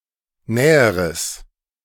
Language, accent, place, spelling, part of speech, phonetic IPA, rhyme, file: German, Germany, Berlin, näheres, adjective, [ˈnɛːəʁəs], -ɛːəʁəs, De-näheres.ogg
- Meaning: strong/mixed nominative/accusative neuter singular comparative degree of nah